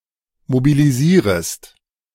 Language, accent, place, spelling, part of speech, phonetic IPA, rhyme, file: German, Germany, Berlin, mobilisierest, verb, [mobiliˈziːʁəst], -iːʁəst, De-mobilisierest.ogg
- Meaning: second-person singular subjunctive I of mobilisieren